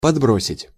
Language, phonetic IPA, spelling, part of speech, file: Russian, [pɐdˈbrosʲɪtʲ], подбросить, verb, Ru-подбросить.ogg
- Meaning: 1. to throw upwards 2. to flip 3. to give (someone) a lift (in a vehicle)